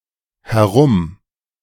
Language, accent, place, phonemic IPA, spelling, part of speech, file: German, Germany, Berlin, /hɛˈʁʊm/, herum-, prefix, De-herum-.ogg
- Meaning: 1. around; denotes movement around a curve or corner 2. around; denotes action moving between various directions or targets 3. around, about; denotes aimless or unfocused movement or placement